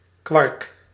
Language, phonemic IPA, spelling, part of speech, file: Dutch, /kwɑrk/, quark, noun, Nl-quark.ogg
- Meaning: quark